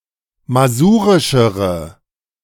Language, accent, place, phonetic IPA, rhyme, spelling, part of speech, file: German, Germany, Berlin, [maˈzuːʁɪʃəʁə], -uːʁɪʃəʁə, masurischere, adjective, De-masurischere.ogg
- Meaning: inflection of masurisch: 1. strong/mixed nominative/accusative feminine singular comparative degree 2. strong nominative/accusative plural comparative degree